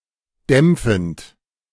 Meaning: present participle of dämpfen
- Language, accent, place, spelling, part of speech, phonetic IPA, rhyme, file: German, Germany, Berlin, dämpfend, verb, [ˈdɛmp͡fn̩t], -ɛmp͡fn̩t, De-dämpfend.ogg